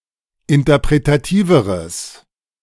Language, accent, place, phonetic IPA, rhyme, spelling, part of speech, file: German, Germany, Berlin, [ɪntɐpʁetaˈtiːvəʁəs], -iːvəʁəs, interpretativeres, adjective, De-interpretativeres.ogg
- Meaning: strong/mixed nominative/accusative neuter singular comparative degree of interpretativ